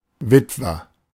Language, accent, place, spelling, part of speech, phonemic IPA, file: German, Germany, Berlin, Witwer, noun, /ˈvɪtvɐ/, De-Witwer.ogg
- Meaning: widower